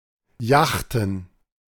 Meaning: plural of Yacht
- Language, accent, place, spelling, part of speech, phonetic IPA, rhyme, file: German, Germany, Berlin, Yachten, noun, [ˈjaxtn̩], -axtn̩, De-Yachten.ogg